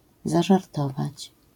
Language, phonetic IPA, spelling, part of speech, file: Polish, [ˌzaʒarˈtɔvat͡ɕ], zażartować, verb, LL-Q809 (pol)-zażartować.wav